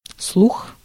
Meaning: 1. hearing, ear 2. rumor, hearsay, diminutive: слушо́к (slušók) 3. news, sign
- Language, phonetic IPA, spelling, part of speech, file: Russian, [sɫux], слух, noun, Ru-слух.ogg